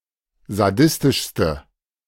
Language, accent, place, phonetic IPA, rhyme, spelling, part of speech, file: German, Germany, Berlin, [zaˈdɪstɪʃstə], -ɪstɪʃstə, sadistischste, adjective, De-sadistischste.ogg
- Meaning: inflection of sadistisch: 1. strong/mixed nominative/accusative feminine singular superlative degree 2. strong nominative/accusative plural superlative degree